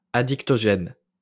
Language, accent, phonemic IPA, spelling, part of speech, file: French, France, /a.dik.tɔ.ʒɛn/, addictogène, adjective, LL-Q150 (fra)-addictogène.wav
- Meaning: addictogenic